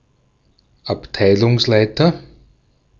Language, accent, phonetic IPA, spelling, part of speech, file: German, Austria, [apˈtaɪ̯lʊŋsˌlaɪ̯tɐ], Abteilungsleiter, noun, De-at-Abteilungsleiter.ogg
- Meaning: manager (of a department)